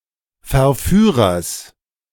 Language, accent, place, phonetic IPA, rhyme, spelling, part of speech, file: German, Germany, Berlin, [fɛɐ̯ˈfyːʁɐs], -yːʁɐs, Verführers, noun, De-Verführers.ogg
- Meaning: genitive singular of Verführer